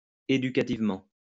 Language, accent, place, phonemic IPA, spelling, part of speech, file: French, France, Lyon, /e.dy.ka.tiv.mɑ̃/, éducativement, adverb, LL-Q150 (fra)-éducativement.wav
- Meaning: educationally